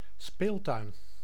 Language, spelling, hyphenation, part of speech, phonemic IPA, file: Dutch, speeltuin, speel‧tuin, noun, /ˈspeːl.tœy̯n/, Nl-speeltuin.ogg
- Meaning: a children's playground